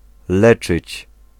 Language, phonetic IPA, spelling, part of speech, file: Polish, [ˈlɛt͡ʃɨt͡ɕ], leczyć, verb, Pl-leczyć.ogg